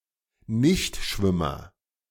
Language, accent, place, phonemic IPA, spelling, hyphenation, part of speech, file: German, Germany, Berlin, /ˈnɪçtˌʃvɪmɐ/, Nichtschwimmer, Nicht‧schwim‧mer, noun, De-Nichtschwimmer.ogg
- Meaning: nonswimmer, non-swimmer